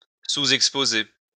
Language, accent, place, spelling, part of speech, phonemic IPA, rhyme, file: French, France, Lyon, sous-exposer, verb, /su.zɛk.spo.ze/, -e, LL-Q150 (fra)-sous-exposer.wav
- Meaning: to underexpose